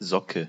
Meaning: sock
- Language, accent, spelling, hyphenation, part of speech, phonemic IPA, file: German, Germany, Socke, So‧cke, noun, /ˈzɔkə/, De-Socke.ogg